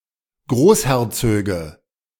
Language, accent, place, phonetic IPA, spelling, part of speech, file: German, Germany, Berlin, [ˈɡʁoːsˌhɛʁt͡søːɡə], Großherzöge, noun, De-Großherzöge.ogg
- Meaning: nominative/accusative/genitive plural of Großherzog